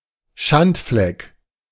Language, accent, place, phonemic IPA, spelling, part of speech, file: German, Germany, Berlin, /ˈʃantflɛk/, Schandfleck, noun, De-Schandfleck.ogg
- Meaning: 1. A negative attribute that, annoyingly, destroys the otherwise good impression of something; blemish, flaw, defect 2. blemish, stain 3. eyesore